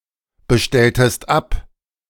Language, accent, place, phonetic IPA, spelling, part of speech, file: German, Germany, Berlin, [bəˌʃtɛltəst ˈap], bestelltest ab, verb, De-bestelltest ab.ogg
- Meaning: inflection of abbestellen: 1. second-person singular preterite 2. second-person singular subjunctive II